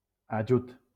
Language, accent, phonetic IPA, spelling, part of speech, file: Catalan, Valencia, [aˈd͡ʒut], ajut, noun, LL-Q7026 (cat)-ajut.wav
- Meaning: help